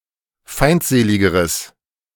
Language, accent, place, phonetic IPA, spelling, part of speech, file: German, Germany, Berlin, [ˈfaɪ̯ntˌzeːlɪɡəʁəs], feindseligeres, adjective, De-feindseligeres.ogg
- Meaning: strong/mixed nominative/accusative neuter singular comparative degree of feindselig